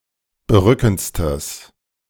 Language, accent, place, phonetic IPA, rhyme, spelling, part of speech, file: German, Germany, Berlin, [bəˈʁʏkn̩t͡stəs], -ʏkn̩t͡stəs, berückendstes, adjective, De-berückendstes.ogg
- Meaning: strong/mixed nominative/accusative neuter singular superlative degree of berückend